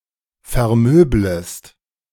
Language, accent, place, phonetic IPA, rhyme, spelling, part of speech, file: German, Germany, Berlin, [fɛɐ̯ˈmøːbləst], -øːbləst, vermöblest, verb, De-vermöblest.ogg
- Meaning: second-person singular subjunctive I of vermöbeln